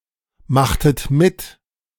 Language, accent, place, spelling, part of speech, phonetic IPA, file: German, Germany, Berlin, machtet mit, verb, [ˌmaxtət ˈmɪt], De-machtet mit.ogg
- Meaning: inflection of mitmachen: 1. second-person plural preterite 2. second-person plural subjunctive II